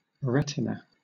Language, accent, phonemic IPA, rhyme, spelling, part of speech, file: English, Southern England, /ˈɹɛt.ɪ.nə/, -ɛtɪnə, retina, noun, LL-Q1860 (eng)-retina.wav